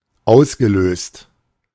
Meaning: past participle of auslösen
- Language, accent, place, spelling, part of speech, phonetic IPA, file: German, Germany, Berlin, ausgelöst, verb, [ˈaʊ̯sɡəˌløːst], De-ausgelöst.ogg